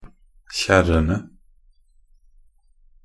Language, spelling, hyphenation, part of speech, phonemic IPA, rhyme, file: Norwegian Bokmål, kjerrene, kjer‧re‧ne, noun, /ˈçɛrːənə/, -ənə, Nb-kjerrene.ogg
- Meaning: 1. definite plural of kjerre 2. definite singular of kjerr